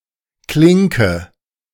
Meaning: 1. door handle 2. latch 3. jack (type of plug or connector)
- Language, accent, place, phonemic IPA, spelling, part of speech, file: German, Germany, Berlin, /ˈklɪŋkə/, Klinke, noun, De-Klinke.ogg